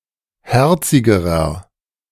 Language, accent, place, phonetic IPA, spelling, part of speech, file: German, Germany, Berlin, [ˈhɛʁt͡sɪɡəʁɐ], herzigerer, adjective, De-herzigerer.ogg
- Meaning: inflection of herzig: 1. strong/mixed nominative masculine singular comparative degree 2. strong genitive/dative feminine singular comparative degree 3. strong genitive plural comparative degree